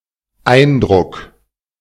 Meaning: impression
- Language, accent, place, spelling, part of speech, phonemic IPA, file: German, Germany, Berlin, Eindruck, noun, /ˈaɪ̯nˌdʁʊk/, De-Eindruck.ogg